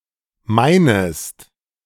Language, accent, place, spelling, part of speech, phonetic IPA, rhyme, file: German, Germany, Berlin, meinest, verb, [ˈmaɪ̯nəst], -aɪ̯nəst, De-meinest.ogg
- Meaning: second-person singular subjunctive I of meinen